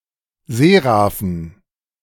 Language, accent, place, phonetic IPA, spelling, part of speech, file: German, Germany, Berlin, [ˈzeːʁafn̩], Seraphen, noun, De-Seraphen.ogg
- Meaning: dative plural of Seraph